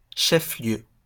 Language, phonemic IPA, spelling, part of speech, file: French, /ʃɛf ljø/, chef-lieu, noun, LL-Q150 (fra)-chef-lieu.wav
- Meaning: a city, town, or village that serves as the administrative centre of an area, in various French-speaking countries